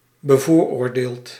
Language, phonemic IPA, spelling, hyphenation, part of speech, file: Dutch, /bəˈvoːr.oːrˌdeːlt/, bevooroordeeld, be‧voor‧oor‧deeld, adjective, Nl-bevooroordeeld.ogg
- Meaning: subjective, biased, preconceived